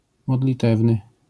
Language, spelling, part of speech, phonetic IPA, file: Polish, modlitewny, adjective, [ˌmɔdlʲiˈtɛvnɨ], LL-Q809 (pol)-modlitewny.wav